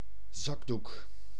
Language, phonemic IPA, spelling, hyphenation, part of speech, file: Dutch, /ˈzɑk.duk/, zakdoek, zak‧doek, noun, Nl-zakdoek.ogg
- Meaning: tissue, handkerchief